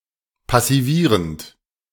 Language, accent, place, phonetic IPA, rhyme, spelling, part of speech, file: German, Germany, Berlin, [pasiˈviːʁənt], -iːʁənt, passivierend, verb, De-passivierend.ogg
- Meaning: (verb) present participle of passivieren; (adjective) passivating